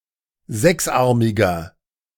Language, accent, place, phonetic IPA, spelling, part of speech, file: German, Germany, Berlin, [ˈzɛksˌʔaʁmɪɡɐ], sechsarmiger, adjective, De-sechsarmiger.ogg
- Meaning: inflection of sechsarmig: 1. strong/mixed nominative masculine singular 2. strong genitive/dative feminine singular 3. strong genitive plural